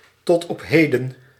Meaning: up until now, to this day
- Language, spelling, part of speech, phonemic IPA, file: Dutch, tot op heden, phrase, /tɔt ɔp ˈhedə(n)/, Nl-tot op heden.ogg